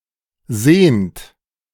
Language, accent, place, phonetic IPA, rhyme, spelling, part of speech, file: German, Germany, Berlin, [zeːnt], -eːnt, sehnt, verb, De-sehnt.ogg
- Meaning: inflection of sehnen: 1. third-person singular present 2. second-person plural present 3. plural imperative